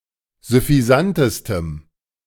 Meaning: strong dative masculine/neuter singular superlative degree of süffisant
- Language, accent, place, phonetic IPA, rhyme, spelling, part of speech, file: German, Germany, Berlin, [zʏfiˈzantəstəm], -antəstəm, süffisantestem, adjective, De-süffisantestem.ogg